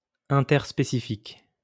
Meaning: interspecific
- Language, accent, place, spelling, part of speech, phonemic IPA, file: French, France, Lyon, interspécifique, adjective, /ɛ̃.tɛʁ.spe.si.fik/, LL-Q150 (fra)-interspécifique.wav